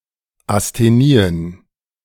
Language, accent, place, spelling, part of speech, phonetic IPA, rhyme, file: German, Germany, Berlin, Asthenien, noun, [asteˈniːən], -iːən, De-Asthenien.ogg
- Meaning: plural of Asthenie